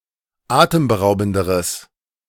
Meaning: strong/mixed nominative/accusative neuter singular comparative degree of atemberaubend
- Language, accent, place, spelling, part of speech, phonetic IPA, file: German, Germany, Berlin, atemberaubenderes, adjective, [ˈaːtəmbəˌʁaʊ̯bn̩dəʁəs], De-atemberaubenderes.ogg